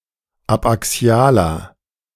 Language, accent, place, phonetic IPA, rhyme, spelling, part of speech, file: German, Germany, Berlin, [apʔaˈksi̯aːlɐ], -aːlɐ, abaxialer, adjective, De-abaxialer.ogg
- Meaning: inflection of abaxial: 1. strong/mixed nominative masculine singular 2. strong genitive/dative feminine singular 3. strong genitive plural